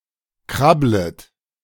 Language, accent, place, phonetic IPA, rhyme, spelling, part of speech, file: German, Germany, Berlin, [ˈkʁablət], -ablət, krabblet, verb, De-krabblet.ogg
- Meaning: second-person plural subjunctive I of krabbeln